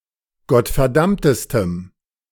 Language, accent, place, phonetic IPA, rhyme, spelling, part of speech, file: German, Germany, Berlin, [ɡɔtfɛɐ̯ˈdamtəstəm], -amtəstəm, gottverdammtestem, adjective, De-gottverdammtestem.ogg
- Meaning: strong dative masculine/neuter singular superlative degree of gottverdammt